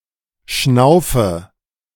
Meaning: inflection of schnaufen: 1. first-person singular present 2. first/third-person singular subjunctive I 3. singular imperative
- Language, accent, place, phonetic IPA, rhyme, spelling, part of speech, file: German, Germany, Berlin, [ˈʃnaʊ̯fə], -aʊ̯fə, schnaufe, verb, De-schnaufe.ogg